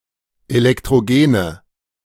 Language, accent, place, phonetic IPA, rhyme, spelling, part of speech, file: German, Germany, Berlin, [elɛktʁoˈɡeːnə], -eːnə, elektrogene, adjective, De-elektrogene.ogg
- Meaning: inflection of elektrogen: 1. strong/mixed nominative/accusative feminine singular 2. strong nominative/accusative plural 3. weak nominative all-gender singular